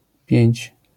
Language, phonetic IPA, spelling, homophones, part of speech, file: Polish, [pʲjɛ̇̃ɲt͡ɕ], piędź, pięć, noun, LL-Q809 (pol)-piędź.wav